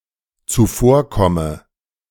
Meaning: inflection of zuvorkommen: 1. first-person singular dependent present 2. first/third-person singular dependent subjunctive I
- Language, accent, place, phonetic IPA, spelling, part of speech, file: German, Germany, Berlin, [t͡suˈfoːɐ̯ˌkɔmə], zuvorkomme, verb, De-zuvorkomme.ogg